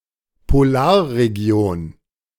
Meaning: polar region(s)
- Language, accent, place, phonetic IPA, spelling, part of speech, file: German, Germany, Berlin, [poˈlaːɐ̯ʁeˌɡi̯oːn], Polarregion, noun, De-Polarregion.ogg